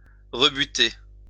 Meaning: 1. to reject; turn down 2. to send someone packing; to kick to the curb 3. to disgust; to put off
- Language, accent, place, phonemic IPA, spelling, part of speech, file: French, France, Lyon, /ʁə.by.te/, rebuter, verb, LL-Q150 (fra)-rebuter.wav